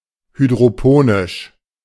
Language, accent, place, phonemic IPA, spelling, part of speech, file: German, Germany, Berlin, /hydʁoˈpoːnɪʃ/, hydroponisch, adjective, De-hydroponisch.ogg
- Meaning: hydroponic